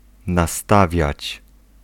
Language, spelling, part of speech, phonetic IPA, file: Polish, nastawiać, verb, [naˈstavʲjät͡ɕ], Pl-nastawiać.ogg